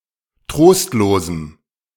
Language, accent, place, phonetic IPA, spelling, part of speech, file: German, Germany, Berlin, [ˈtʁoːstloːzm̩], trostlosem, adjective, De-trostlosem.ogg
- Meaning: strong dative masculine/neuter singular of trostlos